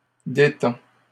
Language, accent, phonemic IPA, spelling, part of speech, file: French, Canada, /de.tɑ̃/, détend, verb, LL-Q150 (fra)-détend.wav
- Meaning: third-person singular present indicative of détendre